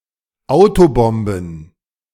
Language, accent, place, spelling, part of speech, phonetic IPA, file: German, Germany, Berlin, Autobomben, noun, [ˈaʊ̯toˌbɔmbn̩], De-Autobomben.ogg
- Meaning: plural of Autobombe